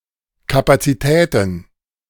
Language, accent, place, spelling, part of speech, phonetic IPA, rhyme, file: German, Germany, Berlin, Kapazitäten, noun, [ˌkapat͡siˈtɛːtn̩], -ɛːtn̩, De-Kapazitäten.ogg
- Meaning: plural of Kapazität